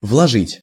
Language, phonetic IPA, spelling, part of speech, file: Russian, [vɫɐˈʐɨtʲ], вложить, verb, Ru-вложить.ogg
- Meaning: 1. to enclose, to insert, to put in; to sheathe; to embed 2. to invest, to deposit 3. to contribute